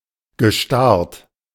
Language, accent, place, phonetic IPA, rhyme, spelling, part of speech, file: German, Germany, Berlin, [ɡəˈʃtaʁt], -aʁt, gestarrt, verb, De-gestarrt.ogg
- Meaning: past participle of starren